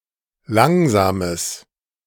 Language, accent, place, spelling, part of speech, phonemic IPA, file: German, Germany, Berlin, langsames, adjective, /ˈlaŋzaːməs/, De-langsames.ogg
- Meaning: strong/mixed nominative/accusative neuter singular of langsam